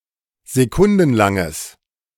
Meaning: strong/mixed nominative/accusative neuter singular of sekundenlang
- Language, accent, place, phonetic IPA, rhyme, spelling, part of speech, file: German, Germany, Berlin, [zeˈkʊndn̩ˌlaŋəs], -ʊndn̩laŋəs, sekundenlanges, adjective, De-sekundenlanges.ogg